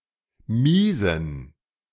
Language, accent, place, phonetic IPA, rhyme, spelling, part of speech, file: German, Germany, Berlin, [ˈmiːzn̩], -iːzn̩, miesen, adjective, De-miesen.ogg
- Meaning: inflection of mies: 1. strong genitive masculine/neuter singular 2. weak/mixed genitive/dative all-gender singular 3. strong/weak/mixed accusative masculine singular 4. strong dative plural